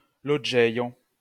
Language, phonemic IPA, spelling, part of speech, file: Esperanto, /loˈd͡ʒejo/, loĝejo, noun, LL-Q143 (epo)-loĝejo.wav